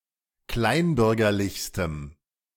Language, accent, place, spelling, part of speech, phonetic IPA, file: German, Germany, Berlin, kleinbürgerlichstem, adjective, [ˈklaɪ̯nˌbʏʁɡɐlɪçstəm], De-kleinbürgerlichstem.ogg
- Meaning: strong dative masculine/neuter singular superlative degree of kleinbürgerlich